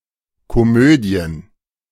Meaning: plural of Komödie
- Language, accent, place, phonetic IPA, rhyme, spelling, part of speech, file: German, Germany, Berlin, [koˈmøːdi̯ən], -øːdi̯ən, Komödien, noun, De-Komödien.ogg